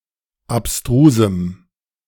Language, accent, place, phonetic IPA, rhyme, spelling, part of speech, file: German, Germany, Berlin, [apˈstʁuːzm̩], -uːzm̩, abstrusem, adjective, De-abstrusem.ogg
- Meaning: strong dative masculine/neuter singular of abstrus